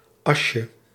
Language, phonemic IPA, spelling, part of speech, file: Dutch, /ˈɑʃə/, asje, noun, Nl-asje.ogg
- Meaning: diminutive of as